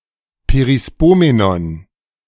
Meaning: perispomenon
- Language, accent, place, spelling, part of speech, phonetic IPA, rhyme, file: German, Germany, Berlin, Perispomenon, noun, [peʁiˈspoːmenɔn], -oːmenɔn, De-Perispomenon.ogg